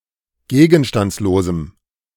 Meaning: strong dative masculine/neuter singular of gegenstandslos
- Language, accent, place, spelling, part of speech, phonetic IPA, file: German, Germany, Berlin, gegenstandslosem, adjective, [ˈɡeːɡn̩ʃtant͡sloːzm̩], De-gegenstandslosem.ogg